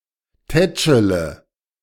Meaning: inflection of tätscheln: 1. first-person singular present 2. first/third-person singular subjunctive I 3. singular imperative
- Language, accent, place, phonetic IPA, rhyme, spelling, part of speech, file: German, Germany, Berlin, [ˈtɛt͡ʃələ], -ɛt͡ʃələ, tätschele, verb, De-tätschele.ogg